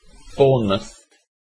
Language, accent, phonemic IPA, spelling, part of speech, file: English, UK, /ˈbɔːnməθ/, Bournemouth, proper noun, En-uk-Bournemouth.ogg
- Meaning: A large town, part of Bournemouth, Christchurch and Poole district, Dorset, England